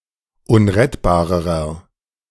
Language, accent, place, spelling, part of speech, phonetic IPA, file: German, Germany, Berlin, unrettbarerer, adjective, [ˈʊnʁɛtbaːʁəʁɐ], De-unrettbarerer.ogg
- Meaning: inflection of unrettbar: 1. strong/mixed nominative masculine singular comparative degree 2. strong genitive/dative feminine singular comparative degree 3. strong genitive plural comparative degree